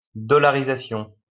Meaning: dollarization (the process of a country adopting the US dollar as its primary currency)
- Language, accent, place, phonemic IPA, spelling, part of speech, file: French, France, Lyon, /dɔ.la.ʁi.za.sjɔ̃/, dollarisation, noun, LL-Q150 (fra)-dollarisation.wav